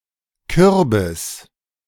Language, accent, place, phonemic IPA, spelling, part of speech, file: German, Germany, Berlin, /ˈkʏr.bɪs/, Kürbis, noun, De-Kürbis.ogg
- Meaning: pumpkin, gourd, squash (any plant of the genus Cucurbita or its fruit)